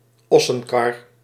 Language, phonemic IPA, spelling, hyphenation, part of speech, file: Dutch, /ˈɔsənkɑr/, ossenkar, os‧sen‧kar, noun, Nl-ossenkar.ogg
- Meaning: oxcart